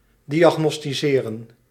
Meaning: to diagnose, to determine the root cause of a problem
- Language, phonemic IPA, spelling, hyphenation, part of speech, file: Dutch, /ˌdiaːɣnɔstiˈseːrə(n)/, diagnosticeren, di‧ag‧nos‧ti‧ce‧ren, verb, Nl-diagnosticeren.ogg